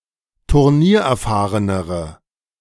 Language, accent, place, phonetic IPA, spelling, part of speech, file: German, Germany, Berlin, [tʊʁˈniːɐ̯ʔɛɐ̯ˌfaːʁənəʁə], turniererfahrenere, adjective, De-turniererfahrenere.ogg
- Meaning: inflection of turniererfahren: 1. strong/mixed nominative/accusative feminine singular comparative degree 2. strong nominative/accusative plural comparative degree